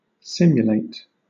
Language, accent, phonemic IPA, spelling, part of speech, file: English, Southern England, /ˈsɪm.jʊˌleɪt/, simulate, verb, LL-Q1860 (eng)-simulate.wav
- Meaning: To model, replicate, duplicate the behavior, appearance or properties of